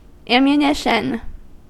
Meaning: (noun) Articles used in charging firearms and ordnance of all kinds; as powder, balls, shot, shells, percussion caps, rockets, etc
- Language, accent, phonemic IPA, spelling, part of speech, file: English, US, /ˌæmjuˈnɪʃən/, ammunition, noun / verb, En-us-ammunition.ogg